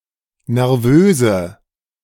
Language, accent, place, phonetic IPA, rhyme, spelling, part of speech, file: German, Germany, Berlin, [nɛʁˈvøːzə], -øːzə, nervöse, adjective, De-nervöse.ogg
- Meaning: inflection of nervös: 1. strong/mixed nominative/accusative feminine singular 2. strong nominative/accusative plural 3. weak nominative all-gender singular 4. weak accusative feminine/neuter singular